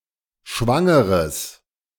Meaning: strong/mixed nominative/accusative neuter singular of schwanger
- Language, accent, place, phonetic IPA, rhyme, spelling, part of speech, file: German, Germany, Berlin, [ˈʃvaŋəʁəs], -aŋəʁəs, schwangeres, adjective, De-schwangeres.ogg